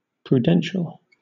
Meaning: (adjective) 1. Characterised by the use of prudence; arising from careful thought or deliberation 2. Of a person: exercising prudence; cautious 3. Advisory; superintending or executive
- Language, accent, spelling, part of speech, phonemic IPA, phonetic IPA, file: English, Southern England, prudential, adjective / noun, /pɹuːˈdɛn.ʃəl/, [pɹuːˈdɛn.ʃl̩], LL-Q1860 (eng)-prudential.wav